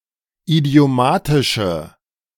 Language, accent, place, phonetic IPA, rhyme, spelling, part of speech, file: German, Germany, Berlin, [idi̯oˈmaːtɪʃə], -aːtɪʃə, idiomatische, adjective, De-idiomatische.ogg
- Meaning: inflection of idiomatisch: 1. strong/mixed nominative/accusative feminine singular 2. strong nominative/accusative plural 3. weak nominative all-gender singular